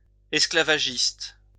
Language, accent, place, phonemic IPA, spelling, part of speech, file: French, France, Lyon, /ɛs.kla.va.ʒist/, esclavagiste, adjective / noun, LL-Q150 (fra)-esclavagiste.wav
- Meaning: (adjective) proslavery; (noun) 1. slaver 2. slave driver (employer or supervisor who demands excessive amounts of work from an employee)